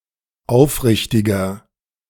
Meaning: 1. comparative degree of aufrichtig 2. inflection of aufrichtig: strong/mixed nominative masculine singular 3. inflection of aufrichtig: strong genitive/dative feminine singular
- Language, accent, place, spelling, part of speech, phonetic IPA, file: German, Germany, Berlin, aufrichtiger, adjective, [ˈaʊ̯fˌʁɪçtɪɡɐ], De-aufrichtiger.ogg